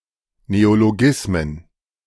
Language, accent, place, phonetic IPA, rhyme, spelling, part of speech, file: German, Germany, Berlin, [neoloˈɡɪsmən], -ɪsmən, Neologismen, noun, De-Neologismen.ogg
- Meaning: plural of Neologismus